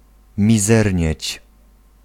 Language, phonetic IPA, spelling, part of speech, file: Polish, [mʲiˈzɛrʲɲɛ̇t͡ɕ], mizernieć, verb, Pl-mizernieć.ogg